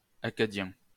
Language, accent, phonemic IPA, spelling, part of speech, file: French, France, /a.ka.djɛ̃/, acadien, adjective, LL-Q150 (fra)-acadien.wav
- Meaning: of Acadia; Acadian